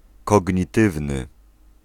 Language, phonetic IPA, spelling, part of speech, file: Polish, [ˌkɔɟɲiˈtɨvnɨ], kognitywny, adjective, Pl-kognitywny.ogg